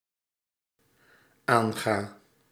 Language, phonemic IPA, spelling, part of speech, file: Dutch, /ˈaŋɣa/, aanga, verb, Nl-aanga.ogg
- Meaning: inflection of aangaan: 1. first-person singular dependent-clause present indicative 2. singular dependent-clause present subjunctive